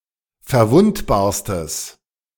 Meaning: strong/mixed nominative/accusative neuter singular superlative degree of verwundbar
- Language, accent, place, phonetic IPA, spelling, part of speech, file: German, Germany, Berlin, [fɛɐ̯ˈvʊntbaːɐ̯stəs], verwundbarstes, adjective, De-verwundbarstes.ogg